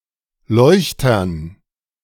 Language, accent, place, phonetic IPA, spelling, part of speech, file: German, Germany, Berlin, [ˈlɔɪ̯çtɐn], Leuchtern, noun, De-Leuchtern.ogg
- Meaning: dative plural of Leuchter